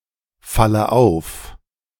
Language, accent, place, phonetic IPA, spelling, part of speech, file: German, Germany, Berlin, [ˌfalə ˈaʊ̯f], falle auf, verb, De-falle auf.ogg
- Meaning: inflection of auffallen: 1. first-person singular present 2. first/third-person singular subjunctive I 3. singular imperative